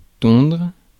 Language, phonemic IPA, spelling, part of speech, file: French, /tɔ̃dʁ/, tondre, verb, Fr-tondre.ogg
- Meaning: 1. to shear (sheep) 2. to mow, cut (grass; a lawn) 3. to clip, cut (hair) 4. to shave (one's head) 5. to smooth, level (a surface) 6. to rob, clean someone out